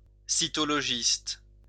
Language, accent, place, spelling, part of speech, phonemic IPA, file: French, France, Lyon, cytologiste, noun, /si.tɔ.lɔ.ʒist/, LL-Q150 (fra)-cytologiste.wav
- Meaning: cytologist